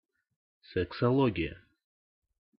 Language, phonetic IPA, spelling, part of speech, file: Russian, [sɨksɐˈɫoɡʲɪjə], сексология, noun, Ru-сексология.ogg
- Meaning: sexology